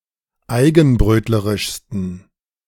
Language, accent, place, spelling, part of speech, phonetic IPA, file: German, Germany, Berlin, eigenbrötlerischsten, adjective, [ˈaɪ̯ɡn̩ˌbʁøːtləʁɪʃstn̩], De-eigenbrötlerischsten.ogg
- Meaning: 1. superlative degree of eigenbrötlerisch 2. inflection of eigenbrötlerisch: strong genitive masculine/neuter singular superlative degree